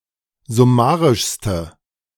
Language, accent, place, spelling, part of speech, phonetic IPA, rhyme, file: German, Germany, Berlin, summarischste, adjective, [zʊˈmaːʁɪʃstə], -aːʁɪʃstə, De-summarischste.ogg
- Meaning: inflection of summarisch: 1. strong/mixed nominative/accusative feminine singular superlative degree 2. strong nominative/accusative plural superlative degree